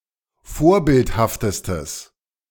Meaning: strong/mixed nominative/accusative neuter singular superlative degree of vorbildhaft
- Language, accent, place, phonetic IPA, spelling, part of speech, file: German, Germany, Berlin, [ˈfoːɐ̯ˌbɪlthaftəstəs], vorbildhaftestes, adjective, De-vorbildhaftestes.ogg